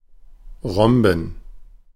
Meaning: plural of Rhombus
- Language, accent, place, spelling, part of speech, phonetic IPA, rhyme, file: German, Germany, Berlin, Rhomben, noun, [ˈʁɔmbn̩], -ɔmbn̩, De-Rhomben.ogg